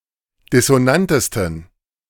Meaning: 1. superlative degree of dissonant 2. inflection of dissonant: strong genitive masculine/neuter singular superlative degree
- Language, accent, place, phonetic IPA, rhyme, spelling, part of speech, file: German, Germany, Berlin, [dɪsoˈnantəstn̩], -antəstn̩, dissonantesten, adjective, De-dissonantesten.ogg